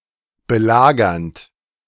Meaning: present participle of belagern
- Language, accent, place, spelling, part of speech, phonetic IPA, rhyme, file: German, Germany, Berlin, belagernd, verb, [bəˈlaːɡɐnt], -aːɡɐnt, De-belagernd.ogg